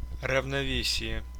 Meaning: 1. balance, equilibrium (condition of a system in which competing influences are balanced) 2. harmony 3. parity
- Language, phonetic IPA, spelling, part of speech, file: Russian, [rəvnɐˈvʲesʲɪje], равновесие, noun, Ru-равнове́сие.ogg